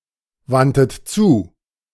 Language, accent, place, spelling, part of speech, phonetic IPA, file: German, Germany, Berlin, wandtet zu, verb, [ˌvantət ˈt͡suː], De-wandtet zu.ogg
- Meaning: 1. first-person plural preterite of zuwenden 2. third-person plural preterite of zuwenden# second-person plural preterite of zuwenden